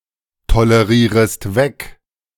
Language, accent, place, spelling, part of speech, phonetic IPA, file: German, Germany, Berlin, tolerierest weg, verb, [toləˌʁiːʁəst ˈvɛk], De-tolerierest weg.ogg
- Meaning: second-person singular subjunctive I of wegtolerieren